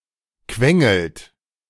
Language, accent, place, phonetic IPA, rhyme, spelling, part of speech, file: German, Germany, Berlin, [ˈkvɛŋl̩t], -ɛŋl̩t, quengelt, verb, De-quengelt.ogg
- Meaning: inflection of quengeln: 1. second-person plural present 2. third-person singular present 3. plural imperative